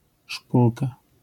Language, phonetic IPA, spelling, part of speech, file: Polish, [ˈʃpulka], szpulka, noun, LL-Q809 (pol)-szpulka.wav